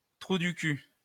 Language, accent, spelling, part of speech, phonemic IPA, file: French, France, trou du cul, noun, /tʁu dy ky/, LL-Q150 (fra)-trou du cul.wav
- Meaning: 1. asshole (anus) 2. asshole, jerk 3. a card game, also called président